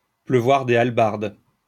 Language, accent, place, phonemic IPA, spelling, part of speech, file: French, France, Lyon, /plœ.vwaʁ de al.baʁd/, pleuvoir des hallebardes, verb, LL-Q150 (fra)-pleuvoir des hallebardes.wav
- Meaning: to rain heavily; to rain cats and dogs